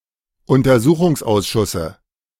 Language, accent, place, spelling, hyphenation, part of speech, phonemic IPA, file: German, Germany, Berlin, Untersuchungsausschusse, Un‧ter‧su‧chungs‧aus‧schus‧se, noun, /ʊntɐˈzuːχʊŋsˌʔaʊ̯sʃʊsə/, De-Untersuchungsausschusse.ogg
- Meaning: dative singular of Untersuchungsausschuss